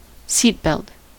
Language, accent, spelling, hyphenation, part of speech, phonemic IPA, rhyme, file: English, US, seatbelt, seat‧belt, noun, /ˈsit.bɛlt/, -iːtbɛlt, En-us-seatbelt.ogg
- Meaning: Alternative spelling of seat belt